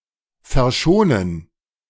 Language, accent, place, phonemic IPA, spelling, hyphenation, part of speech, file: German, Germany, Berlin, /fɛɐ̯ˈʃoːnən/, verschonen, ver‧scho‧nen, verb, De-verschonen.ogg
- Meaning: to spare (from harm, trouble etc.)